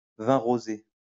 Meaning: rosé wine
- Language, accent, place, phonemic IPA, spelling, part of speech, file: French, France, Lyon, /vɛ̃ ʁo.ze/, vin rosé, noun, LL-Q150 (fra)-vin rosé.wav